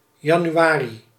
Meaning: January
- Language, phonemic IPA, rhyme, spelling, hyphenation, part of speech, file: Dutch, /ˌjɑ.nyˈ(ʋ)aː.ri/, -aːri, januari, ja‧nu‧a‧ri, noun, Nl-januari.ogg